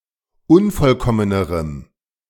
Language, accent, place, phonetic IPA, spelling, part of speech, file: German, Germany, Berlin, [ˈʊnfɔlˌkɔmənəʁəm], unvollkommenerem, adjective, De-unvollkommenerem.ogg
- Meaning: strong dative masculine/neuter singular comparative degree of unvollkommen